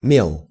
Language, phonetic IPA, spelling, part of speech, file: Russian, [mʲeɫ], мел, noun, Ru-мел.ogg
- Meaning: 1. chalk 2. clipping of мелово́й пери́од (melovój períod): Cretaceous 3. cocaine